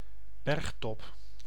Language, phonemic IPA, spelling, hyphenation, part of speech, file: Dutch, /ˈbɛrxtɔp/, bergtop, berg‧top, noun, Nl-bergtop.ogg
- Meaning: mountaintop, peak (the summit of a mountain)